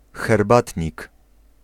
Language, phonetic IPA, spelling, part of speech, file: Polish, [xɛrˈbatʲɲik], herbatnik, noun, Pl-herbatnik.ogg